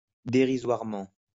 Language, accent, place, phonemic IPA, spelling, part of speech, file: French, France, Lyon, /de.ʁi.zwaʁ.mɑ̃/, dérisoirement, adverb, LL-Q150 (fra)-dérisoirement.wav
- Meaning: derisorily, trivially, pathetically